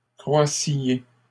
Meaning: inflection of croître: 1. second-person plural imperfect indicative 2. second-person plural present subjunctive
- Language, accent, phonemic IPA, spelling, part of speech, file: French, Canada, /kʁwa.sje/, croissiez, verb, LL-Q150 (fra)-croissiez.wav